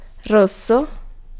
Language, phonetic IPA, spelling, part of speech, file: Italian, [ˈrosso], rosso, adjective, It-rosso.ogg